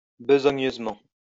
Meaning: needily
- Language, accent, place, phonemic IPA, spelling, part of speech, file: French, France, Lyon, /bə.zɔ.ɲøz.mɑ̃/, besogneusement, adverb, LL-Q150 (fra)-besogneusement.wav